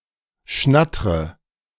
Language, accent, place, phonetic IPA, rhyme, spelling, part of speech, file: German, Germany, Berlin, [ˈʃnatʁə], -atʁə, schnattre, verb, De-schnattre.ogg
- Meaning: inflection of schnattern: 1. first-person singular present 2. first/third-person singular subjunctive I 3. singular imperative